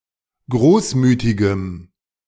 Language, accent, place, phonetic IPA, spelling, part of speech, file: German, Germany, Berlin, [ˈɡʁoːsˌmyːtɪɡəm], großmütigem, adjective, De-großmütigem.ogg
- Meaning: strong dative masculine/neuter singular of großmütig